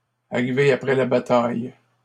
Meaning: to come a day after the fair, to close the stable door after the horse has bolted
- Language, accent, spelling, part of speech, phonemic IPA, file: French, Canada, arriver après la bataille, verb, /a.ʁi.ve a.pʁɛ la ba.taj/, LL-Q150 (fra)-arriver après la bataille.wav